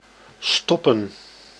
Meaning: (verb) 1. to stop, to halt 2. to plug 3. to stuff, to put, to insert 4. to darn; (noun) plural of stop
- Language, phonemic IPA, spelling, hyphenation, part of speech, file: Dutch, /ˈstɔpə(n)/, stoppen, stop‧pen, verb / noun, Nl-stoppen.ogg